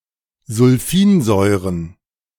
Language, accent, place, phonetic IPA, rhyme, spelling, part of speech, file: German, Germany, Berlin, [zʊlˈfiːnˌzɔɪ̯ʁən], -iːnzɔɪ̯ʁən, Sulfinsäuren, noun, De-Sulfinsäuren.ogg
- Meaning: plural of Sulfinsäure